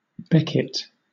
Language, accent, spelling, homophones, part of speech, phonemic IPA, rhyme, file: English, Southern England, becket, Beckett, noun, /ˈbɛkɪt/, -ɛkɪt, LL-Q1860 (eng)-becket.wav
- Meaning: 1. A short piece of rope spliced to form a circle 2. A loop of rope with a knot at one end to catch in an eye at the other end. Used to secure oars etc. at their place